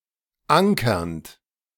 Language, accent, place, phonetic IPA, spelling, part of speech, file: German, Germany, Berlin, [ˈaŋkɐnt], ankernd, verb, De-ankernd.ogg
- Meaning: present participle of ankern